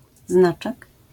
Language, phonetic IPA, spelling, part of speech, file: Polish, [ˈznat͡ʃɛk], znaczek, noun, LL-Q809 (pol)-znaczek.wav